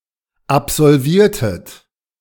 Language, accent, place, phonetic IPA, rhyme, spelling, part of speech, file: German, Germany, Berlin, [apzɔlˈviːɐ̯tət], -iːɐ̯tət, absolviertet, verb, De-absolviertet.ogg
- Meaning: inflection of absolvieren: 1. second-person plural preterite 2. second-person plural subjunctive II